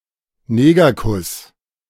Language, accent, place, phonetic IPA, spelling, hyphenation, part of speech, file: German, Germany, Berlin, [ˈneːɡɐˌkʰʊs], Negerkuss, Ne‧ger‧kuss, noun, De-Negerkuss.ogg
- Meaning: chocolate teacake (type of dessert)